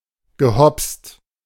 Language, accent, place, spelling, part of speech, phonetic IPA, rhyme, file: German, Germany, Berlin, gehopst, verb, [ɡəˈhɔpst], -ɔpst, De-gehopst.ogg
- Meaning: past participle of hopsen